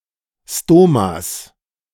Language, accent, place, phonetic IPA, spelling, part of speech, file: German, Germany, Berlin, [ˈstomas], Stomas, noun, De-Stomas.ogg
- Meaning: genitive singular of Stoma